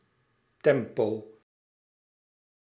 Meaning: 1. tempo (pace, relative speed) 2. tempo, time 3. moment in time
- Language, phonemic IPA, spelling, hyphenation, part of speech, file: Dutch, /ˈtɛm.poː/, tempo, tem‧po, noun, Nl-tempo.ogg